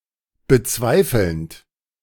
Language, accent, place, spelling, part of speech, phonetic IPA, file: German, Germany, Berlin, bezweifelnd, verb, [bəˈt͡svaɪ̯fl̩nt], De-bezweifelnd.ogg
- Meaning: present participle of bezweifeln